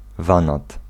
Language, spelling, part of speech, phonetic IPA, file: Polish, wanad, noun, [ˈvãnat], Pl-wanad.ogg